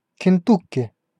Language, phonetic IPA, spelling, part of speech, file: Russian, [kʲɪnˈtukʲ(ː)ɪ], Кентукки, proper noun, Ru-Кентукки.ogg
- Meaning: Kentucky (a state of the United States)